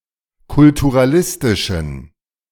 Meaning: inflection of kulturalistisch: 1. strong genitive masculine/neuter singular 2. weak/mixed genitive/dative all-gender singular 3. strong/weak/mixed accusative masculine singular 4. strong dative plural
- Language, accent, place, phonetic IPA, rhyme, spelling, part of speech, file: German, Germany, Berlin, [kʊltuʁaˈlɪstɪʃn̩], -ɪstɪʃn̩, kulturalistischen, adjective, De-kulturalistischen.ogg